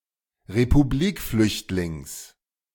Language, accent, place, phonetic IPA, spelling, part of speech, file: German, Germany, Berlin, [ʁepuˈbliːkˌflʏçtlɪŋs], Republikflüchtlings, noun, De-Republikflüchtlings.ogg
- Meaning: genitive singular of Republikflüchtling